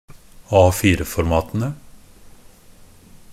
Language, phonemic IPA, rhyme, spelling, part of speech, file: Norwegian Bokmål, /ˈɑːfiːrəfɔrmɑːtənə/, -ənə, A4-formatene, noun, NB - Pronunciation of Norwegian Bokmål «A4-formatene».ogg
- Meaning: definite plural of A4-format